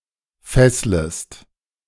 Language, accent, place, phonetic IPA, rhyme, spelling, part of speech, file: German, Germany, Berlin, [ˈfɛsləst], -ɛsləst, fesslest, verb, De-fesslest.ogg
- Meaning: second-person singular subjunctive I of fesseln